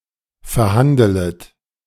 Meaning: second-person plural subjunctive I of verhandeln
- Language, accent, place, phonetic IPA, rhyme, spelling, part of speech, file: German, Germany, Berlin, [fɛɐ̯ˈhandələt], -andələt, verhandelet, verb, De-verhandelet.ogg